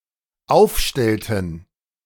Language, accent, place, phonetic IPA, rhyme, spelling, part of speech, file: German, Germany, Berlin, [ˈaʊ̯fˌʃtɛltn̩], -aʊ̯fʃtɛltn̩, aufstellten, verb, De-aufstellten.ogg
- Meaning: inflection of aufstellen: 1. first/third-person plural dependent preterite 2. first/third-person plural dependent subjunctive II